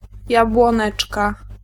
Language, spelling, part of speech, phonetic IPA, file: Polish, jabłoneczka, noun, [ˌjabwɔ̃ˈnɛt͡ʃka], Pl-jabłoneczka.ogg